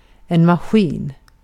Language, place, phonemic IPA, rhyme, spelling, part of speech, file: Swedish, Gotland, /maˈɧiːn/, -iːn, maskin, noun, Sv-maskin.ogg
- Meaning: 1. machine 2. a load (of laundry)